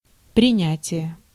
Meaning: 1. acceptance, adoption (an agreeing to terms or proposals) 2. reception (act of receiving something)
- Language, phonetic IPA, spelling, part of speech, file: Russian, [prʲɪˈnʲætʲɪje], принятие, noun, Ru-принятие.ogg